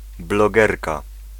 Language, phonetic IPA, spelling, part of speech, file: Polish, [blɔˈɡɛrka], blogerka, noun, Pl-blogerka.ogg